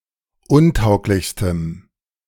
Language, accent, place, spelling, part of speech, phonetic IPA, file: German, Germany, Berlin, untauglichstem, adjective, [ˈʊnˌtaʊ̯klɪçstəm], De-untauglichstem.ogg
- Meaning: strong dative masculine/neuter singular superlative degree of untauglich